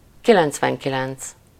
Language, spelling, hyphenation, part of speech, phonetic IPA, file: Hungarian, kilencvenkilenc, ki‧lenc‧ven‧ki‧lenc, numeral, [ˈkilɛnt͡svɛŋkilɛnt͡s], Hu-kilencvenkilenc.ogg
- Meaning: ninety-nine